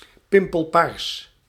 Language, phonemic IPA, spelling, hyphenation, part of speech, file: Dutch, /ˈpɪm.pəlˌpaːrs/, pimpelpaars, pim‧pel‧paars, adjective, Nl-pimpelpaars.ogg
- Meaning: bluish purple